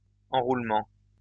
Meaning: winding
- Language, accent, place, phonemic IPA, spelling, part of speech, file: French, France, Lyon, /ɑ̃.ʁul.mɑ̃/, enroulement, noun, LL-Q150 (fra)-enroulement.wav